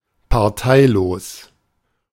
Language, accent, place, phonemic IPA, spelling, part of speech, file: German, Germany, Berlin, /paʁˈtaɪ̯loːs/, parteilos, adjective, De-parteilos.ogg
- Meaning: independent (not member of a political party)